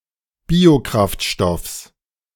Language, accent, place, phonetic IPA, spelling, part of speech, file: German, Germany, Berlin, [ˈbiːoˌkʁaftʃtɔfs], Biokraftstoffs, noun, De-Biokraftstoffs.ogg
- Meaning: genitive singular of Biokraftstoff